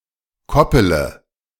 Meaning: inflection of koppeln: 1. first-person singular present 2. first-person plural subjunctive I 3. third-person singular subjunctive I 4. singular imperative
- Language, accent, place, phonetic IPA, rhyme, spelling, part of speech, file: German, Germany, Berlin, [ˈkɔpələ], -ɔpələ, koppele, verb, De-koppele.ogg